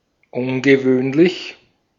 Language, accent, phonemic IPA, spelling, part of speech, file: German, Austria, /ˈʊnɡəˌvøːnlɪç/, ungewöhnlich, adjective / adverb, De-at-ungewöhnlich.ogg
- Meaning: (adjective) uncommon, unusual, unordinary; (adverb) unusually